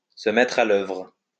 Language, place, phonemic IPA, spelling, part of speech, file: French, Lyon, /sə mɛtʁ a l‿œvʁ/, se mettre à l'œuvre, verb, LL-Q150 (fra)-se mettre à l'œuvre.wav
- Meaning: to get down to work, to get to work